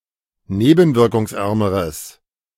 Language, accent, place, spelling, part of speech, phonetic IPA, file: German, Germany, Berlin, nebenwirkungsärmeres, adjective, [ˈneːbn̩vɪʁkʊŋsˌʔɛʁməʁəs], De-nebenwirkungsärmeres.ogg
- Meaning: strong/mixed nominative/accusative neuter singular comparative degree of nebenwirkungsarm